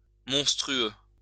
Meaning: monstrous
- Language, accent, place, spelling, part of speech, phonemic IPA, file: French, France, Lyon, monstrueux, adjective, /mɔ̃s.tʁy.ø/, LL-Q150 (fra)-monstrueux.wav